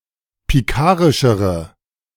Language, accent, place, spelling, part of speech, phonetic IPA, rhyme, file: German, Germany, Berlin, pikarischere, adjective, [piˈkaːʁɪʃəʁə], -aːʁɪʃəʁə, De-pikarischere.ogg
- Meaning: inflection of pikarisch: 1. strong/mixed nominative/accusative feminine singular comparative degree 2. strong nominative/accusative plural comparative degree